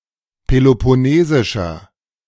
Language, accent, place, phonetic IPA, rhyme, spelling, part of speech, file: German, Germany, Berlin, [pelopɔˈneːzɪʃɐ], -eːzɪʃɐ, peloponnesischer, adjective, De-peloponnesischer.ogg
- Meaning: inflection of peloponnesisch: 1. strong/mixed nominative masculine singular 2. strong genitive/dative feminine singular 3. strong genitive plural